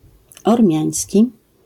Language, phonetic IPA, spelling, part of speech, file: Polish, [ɔrˈmʲjä̃j̃sʲci], ormiański, adjective / noun, LL-Q809 (pol)-ormiański.wav